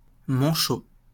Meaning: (adjective) 1. one-armed 2. armless 3. one-handed (having one hand) 4. handless; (noun) 1. penguin 2. one-armed or no-armed person
- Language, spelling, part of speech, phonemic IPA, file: French, manchot, adjective / noun, /mɑ̃.ʃo/, LL-Q150 (fra)-manchot.wav